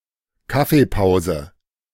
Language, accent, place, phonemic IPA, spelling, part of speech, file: German, Germany, Berlin, /ˈkafeˌpaʊ̯zə/, Kaffeepause, noun, De-Kaffeepause.ogg
- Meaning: coffee break (a rest period during the business day providing the opportunity to drink coffee)